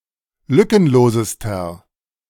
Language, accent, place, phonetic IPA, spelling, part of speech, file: German, Germany, Berlin, [ˈlʏkənˌloːzəstɐ], lückenlosester, adjective, De-lückenlosester.ogg
- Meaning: inflection of lückenlos: 1. strong/mixed nominative masculine singular superlative degree 2. strong genitive/dative feminine singular superlative degree 3. strong genitive plural superlative degree